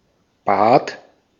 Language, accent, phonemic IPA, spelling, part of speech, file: German, Austria, /baːt/, Bad, noun, De-at-Bad.ogg
- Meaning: 1. bath 2. bathroom 3. pool, baths 4. spa; (health) resort